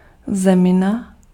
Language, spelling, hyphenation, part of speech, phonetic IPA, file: Czech, zemina, ze‧mi‧na, noun, [ˈzɛmɪna], Cs-zemina.ogg
- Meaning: earth, soil